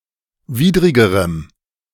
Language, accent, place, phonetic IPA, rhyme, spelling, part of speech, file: German, Germany, Berlin, [ˈviːdʁɪɡəʁəm], -iːdʁɪɡəʁəm, widrigerem, adjective, De-widrigerem.ogg
- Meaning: strong dative masculine/neuter singular comparative degree of widrig